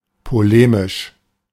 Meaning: polemical, polemic
- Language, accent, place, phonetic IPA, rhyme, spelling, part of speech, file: German, Germany, Berlin, [poˈleːmɪʃ], -eːmɪʃ, polemisch, adjective, De-polemisch.ogg